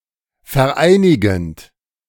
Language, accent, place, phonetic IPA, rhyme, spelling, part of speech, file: German, Germany, Berlin, [fɛɐ̯ˈʔaɪ̯nɪɡn̩t], -aɪ̯nɪɡn̩t, vereinigend, verb, De-vereinigend.ogg
- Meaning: present participle of vereinigen